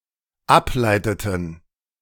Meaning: inflection of ableiten: 1. first/third-person plural dependent preterite 2. first/third-person plural dependent subjunctive II
- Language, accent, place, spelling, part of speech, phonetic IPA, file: German, Germany, Berlin, ableiteten, verb, [ˈapˌlaɪ̯tətn̩], De-ableiteten.ogg